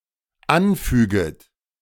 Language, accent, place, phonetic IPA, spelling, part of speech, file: German, Germany, Berlin, [ˈanˌfyːɡət], anfüget, verb, De-anfüget.ogg
- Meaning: second-person plural dependent subjunctive I of anfügen